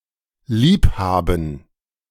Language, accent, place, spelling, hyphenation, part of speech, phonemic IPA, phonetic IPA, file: German, Germany, Berlin, lieb haben, lieb ha‧ben, verb, /ˈliːpˌhaːbən/, [ˈliːpˌhaːbm̩], De-lieb haben.ogg
- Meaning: to love